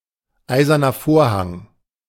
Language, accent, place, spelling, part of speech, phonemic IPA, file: German, Germany, Berlin, Eiserner Vorhang, proper noun, /ˈaɪ̯zɐnɐ ˈfoːɐ̯ˌhaŋ/, De-Eiserner Vorhang.ogg
- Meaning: Iron Curtain (dividing line between western Europe and the Soviet-controlled regions)